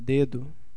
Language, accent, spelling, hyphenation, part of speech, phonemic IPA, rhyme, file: Portuguese, Brazil, dedo, de‧do, noun, /ˈde.du/, -edu, Pt-br-dedo.ogg
- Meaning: 1. digit, a part of the body inclusive of fingers or toes 2. finger, the width of a finger as an approximate unit of length 3. dedo, a traditional Portuguese unit of measurement about equal to 1.8 cm